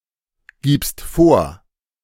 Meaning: second-person singular present of vorgeben
- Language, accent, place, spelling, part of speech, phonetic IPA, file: German, Germany, Berlin, gibst vor, verb, [ˌɡiːpst ˈfoːɐ̯], De-gibst vor.ogg